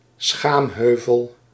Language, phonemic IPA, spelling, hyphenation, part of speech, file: Dutch, /ˈsxaːmˌɦøː.vəl/, schaamheuvel, schaam‧heu‧vel, noun, Nl-schaamheuvel.ogg
- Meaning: mons pubis